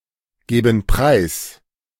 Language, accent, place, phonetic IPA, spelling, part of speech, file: German, Germany, Berlin, [ˌɡeːbn̩ ˈpʁaɪ̯s], geben preis, verb, De-geben preis.ogg
- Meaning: inflection of preisgeben: 1. first/third-person plural present 2. first/third-person plural subjunctive I